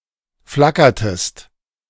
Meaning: inflection of flackern: 1. second-person singular preterite 2. second-person singular subjunctive II
- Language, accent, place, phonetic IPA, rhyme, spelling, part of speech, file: German, Germany, Berlin, [ˈflakɐtəst], -akɐtəst, flackertest, verb, De-flackertest.ogg